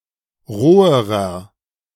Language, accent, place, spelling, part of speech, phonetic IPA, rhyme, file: German, Germany, Berlin, roherer, adjective, [ˈʁoːəʁɐ], -oːəʁɐ, De-roherer.ogg
- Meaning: inflection of roh: 1. strong/mixed nominative masculine singular comparative degree 2. strong genitive/dative feminine singular comparative degree 3. strong genitive plural comparative degree